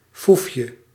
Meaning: trick, skill
- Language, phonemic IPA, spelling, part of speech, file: Dutch, /ˈfufjə/, foefje, noun, Nl-foefje.ogg